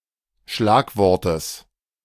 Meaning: genitive singular of Schlagwort
- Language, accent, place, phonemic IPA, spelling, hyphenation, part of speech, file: German, Germany, Berlin, /ˈʃlaːkˌvɔʁtəs/, Schlagwortes, Schlag‧wor‧tes, noun, De-Schlagwortes.ogg